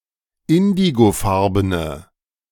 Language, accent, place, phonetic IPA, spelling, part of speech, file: German, Germany, Berlin, [ˈɪndiɡoˌfaʁbənə], indigofarbene, adjective, De-indigofarbene.ogg
- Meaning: inflection of indigofarben: 1. strong/mixed nominative/accusative feminine singular 2. strong nominative/accusative plural 3. weak nominative all-gender singular